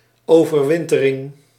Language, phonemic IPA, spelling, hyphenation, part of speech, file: Dutch, /ˌoː.vərˈʋɪn.tə.rɪŋ/, overwintering, over‧win‧te‧ring, noun, Nl-overwintering.ogg
- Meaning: the act or instance of spending the winter, overwintering